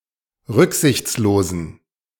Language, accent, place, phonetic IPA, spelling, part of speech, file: German, Germany, Berlin, [ˈʁʏkzɪçt͡sloːzn̩], rücksichtslosen, adjective, De-rücksichtslosen.ogg
- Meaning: inflection of rücksichtslos: 1. strong genitive masculine/neuter singular 2. weak/mixed genitive/dative all-gender singular 3. strong/weak/mixed accusative masculine singular 4. strong dative plural